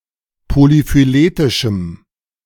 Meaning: strong dative masculine/neuter singular of polyphyletisch
- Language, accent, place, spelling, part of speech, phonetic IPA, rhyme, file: German, Germany, Berlin, polyphyletischem, adjective, [polifyˈleːtɪʃm̩], -eːtɪʃm̩, De-polyphyletischem.ogg